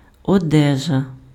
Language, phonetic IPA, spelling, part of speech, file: Ukrainian, [ɔˈdɛʒɐ], одежа, noun, Uk-одежа.ogg
- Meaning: clothing, clothes